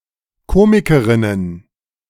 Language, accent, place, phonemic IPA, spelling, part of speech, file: German, Germany, Berlin, /ˈkoːmɪkəʁɪnən/, Komikerinnen, noun, De-Komikerinnen.ogg
- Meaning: plural of Komikerin